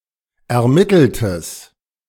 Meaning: strong/mixed nominative/accusative neuter singular of ermittelt
- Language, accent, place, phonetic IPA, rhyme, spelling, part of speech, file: German, Germany, Berlin, [ɛɐ̯ˈmɪtl̩təs], -ɪtl̩təs, ermitteltes, adjective, De-ermitteltes.ogg